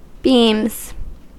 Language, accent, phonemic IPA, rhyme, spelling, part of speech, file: English, US, /biːmz/, -iːmz, beams, noun / verb, En-us-beams.ogg
- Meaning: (noun) plural of beam; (verb) third-person singular simple present indicative of beam